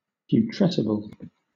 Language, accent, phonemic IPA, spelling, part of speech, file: English, Southern England, /pjuːˈtɹɛsɪb(ə)l/, putrescible, adjective, LL-Q1860 (eng)-putrescible.wav
- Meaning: Decomposable; capable of becoming putrescent; rottable